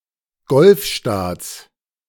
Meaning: genitive singular of Golfstaat
- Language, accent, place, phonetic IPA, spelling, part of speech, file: German, Germany, Berlin, [ˈɡɔlfˌʃtaːt͡s], Golfstaats, noun, De-Golfstaats.ogg